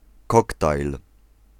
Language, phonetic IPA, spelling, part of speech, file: Polish, [ˈkɔktajl], koktajl, noun, Pl-koktajl.ogg